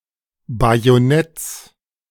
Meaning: genitive singular of Bajonett
- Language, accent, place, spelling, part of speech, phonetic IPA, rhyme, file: German, Germany, Berlin, Bajonetts, noun, [ˌbajoˈnɛt͡s], -ɛt͡s, De-Bajonetts.ogg